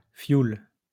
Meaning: 1. heating oil, fuel oil 2. diesel
- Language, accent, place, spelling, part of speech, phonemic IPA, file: French, France, Lyon, fioul, noun, /fjul/, LL-Q150 (fra)-fioul.wav